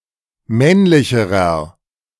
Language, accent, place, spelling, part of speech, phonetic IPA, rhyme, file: German, Germany, Berlin, männlicherer, adjective, [ˈmɛnlɪçəʁɐ], -ɛnlɪçəʁɐ, De-männlicherer.ogg
- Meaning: inflection of männlich: 1. strong/mixed nominative masculine singular comparative degree 2. strong genitive/dative feminine singular comparative degree 3. strong genitive plural comparative degree